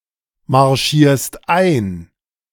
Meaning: second-person singular present of einmarschieren
- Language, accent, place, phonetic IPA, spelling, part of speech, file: German, Germany, Berlin, [maʁˌʃiːɐ̯st ˈaɪ̯n], marschierst ein, verb, De-marschierst ein.ogg